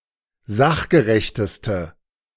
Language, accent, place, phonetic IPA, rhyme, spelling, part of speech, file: German, Germany, Berlin, [ˈzaxɡəʁɛçtəstə], -axɡəʁɛçtəstə, sachgerechteste, adjective, De-sachgerechteste.ogg
- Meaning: inflection of sachgerecht: 1. strong/mixed nominative/accusative feminine singular superlative degree 2. strong nominative/accusative plural superlative degree